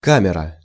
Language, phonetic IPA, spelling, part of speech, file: Russian, [ˈkamʲɪrə], камера, noun, Ru-камера.ogg
- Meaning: 1. camera 2. chamber, cell, compartment 3. prison cell, ward 4. room, office 5. inner tube (of a tire) 6. bladder (of a ball) 7. barrel (of a pump)